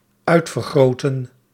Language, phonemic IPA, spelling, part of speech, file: Dutch, /ˈœy̯tfərˌɣroːtə(n)/, uitvergrootten, verb, Nl-uitvergrootten.ogg
- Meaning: inflection of uitvergroten: 1. plural dependent-clause past indicative 2. plural dependent-clause past subjunctive